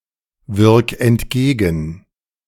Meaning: 1. singular imperative of entgegenwirken 2. first-person singular present of entgegenwirken
- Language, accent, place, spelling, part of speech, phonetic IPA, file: German, Germany, Berlin, wirk entgegen, verb, [ˌvɪʁk ɛntˈɡeːɡn̩], De-wirk entgegen.ogg